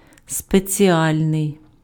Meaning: 1. special 2. individual, particular, special, custom 3. specific, distinctive
- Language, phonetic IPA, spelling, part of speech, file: Ukrainian, [spet͡sʲiˈalʲnei̯], спеціальний, adjective, Uk-спеціальний.ogg